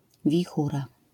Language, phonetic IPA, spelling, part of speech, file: Polish, [vʲiˈxura], wichura, noun, LL-Q809 (pol)-wichura.wav